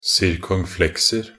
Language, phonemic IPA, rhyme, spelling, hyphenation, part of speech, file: Norwegian Bokmål, /sɪrkɔŋˈflɛksər/, -ər, circonflexer, cir‧con‧flex‧er, noun, Nb-circonflexer.ogg
- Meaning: indefinite plural of circonflexe